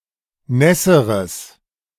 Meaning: strong/mixed nominative/accusative neuter singular comparative degree of nass
- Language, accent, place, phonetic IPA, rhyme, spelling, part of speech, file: German, Germany, Berlin, [ˈnɛsəʁəs], -ɛsəʁəs, nässeres, adjective, De-nässeres.ogg